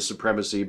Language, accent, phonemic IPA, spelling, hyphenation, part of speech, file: English, US, /suˈpɹɛməsi/, supremacy, su‧prem‧a‧cy, noun, En-us-supremacy.ogg
- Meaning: 1. The quality of being supreme 2. Power over all others 3. The ideology that a specified group is superior to others or should have supreme power over them